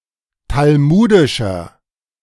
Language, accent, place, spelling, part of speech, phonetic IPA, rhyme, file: German, Germany, Berlin, talmudischer, adjective, [talˈmuːdɪʃɐ], -uːdɪʃɐ, De-talmudischer.ogg
- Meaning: 1. comparative degree of talmudisch 2. inflection of talmudisch: strong/mixed nominative masculine singular 3. inflection of talmudisch: strong genitive/dative feminine singular